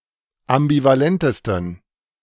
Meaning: 1. superlative degree of ambivalent 2. inflection of ambivalent: strong genitive masculine/neuter singular superlative degree
- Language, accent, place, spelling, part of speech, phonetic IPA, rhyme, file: German, Germany, Berlin, ambivalentesten, adjective, [ambivaˈlɛntəstn̩], -ɛntəstn̩, De-ambivalentesten.ogg